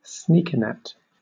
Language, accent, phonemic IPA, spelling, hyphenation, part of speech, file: English, Southern England, /ˈsniːkənɛt/, sneakernet, sneak‧er‧net, noun, LL-Q1860 (eng)-sneakernet.wav